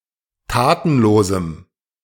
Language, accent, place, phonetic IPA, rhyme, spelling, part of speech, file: German, Germany, Berlin, [ˈtaːtn̩ˌloːzm̩], -aːtn̩loːzm̩, tatenlosem, adjective, De-tatenlosem.ogg
- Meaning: strong dative masculine/neuter singular of tatenlos